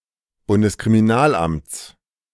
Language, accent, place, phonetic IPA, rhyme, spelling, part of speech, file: German, Germany, Berlin, [bʊndəskʁimiˈnaːlˌʔamt͡s], -aːlʔamt͡s, Bundeskriminalamts, noun, De-Bundeskriminalamts.ogg
- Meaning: genitive singular of Bundeskriminalamt